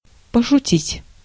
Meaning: 1. to joke, to jest 2. to trifle, to play (with) 3. to make fun (of)
- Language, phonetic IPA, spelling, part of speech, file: Russian, [pəʂʊˈtʲitʲ], пошутить, verb, Ru-пошутить.ogg